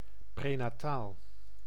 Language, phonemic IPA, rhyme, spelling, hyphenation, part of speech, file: Dutch, /ˌpreː.naːˈtaːl/, -aːl, prenataal, pre‧na‧taal, adjective, Nl-prenataal.ogg
- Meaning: antenatal, prenatal